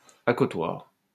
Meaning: armrest
- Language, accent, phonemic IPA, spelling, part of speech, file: French, France, /a.kɔ.twaʁ/, accotoir, noun, LL-Q150 (fra)-accotoir.wav